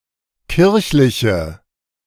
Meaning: inflection of kirchlich: 1. strong/mixed nominative/accusative feminine singular 2. strong nominative/accusative plural 3. weak nominative all-gender singular
- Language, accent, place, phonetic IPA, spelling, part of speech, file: German, Germany, Berlin, [ˈkɪʁçlɪçə], kirchliche, adjective, De-kirchliche.ogg